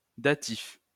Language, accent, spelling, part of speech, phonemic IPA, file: French, France, datif, noun, /da.tif/, LL-Q150 (fra)-datif.wav
- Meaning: dative, dative case